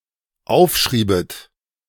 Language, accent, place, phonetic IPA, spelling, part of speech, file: German, Germany, Berlin, [ˈaʊ̯fˌʃʁiːbət], aufschriebet, verb, De-aufschriebet.ogg
- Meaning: second-person plural dependent subjunctive II of aufschreiben